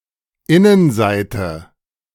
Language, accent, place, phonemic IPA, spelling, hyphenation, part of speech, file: German, Germany, Berlin, /ˈɪnənˌzaɪ̯tə/, Innenseite, In‧nen‧sei‧te, noun, De-Innenseite.ogg
- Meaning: inner side, inner surface, inside, interior, inside page (printing), wrong side (WS, e.g., knitting)